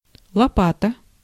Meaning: 1. spade, shovel 2. electric guitar 3. punchline 4. peel
- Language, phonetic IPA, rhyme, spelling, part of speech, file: Russian, [ɫɐˈpatə], -atə, лопата, noun, Ru-лопата.ogg